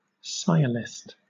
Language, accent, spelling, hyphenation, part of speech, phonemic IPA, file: English, Southern England, sciolist, sci‧o‧list, noun, /ˈsaɪəlɪst/, LL-Q1860 (eng)-sciolist.wav
- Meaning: One who exhibits only superficial knowledge; a self-proclaimed expert with little real understanding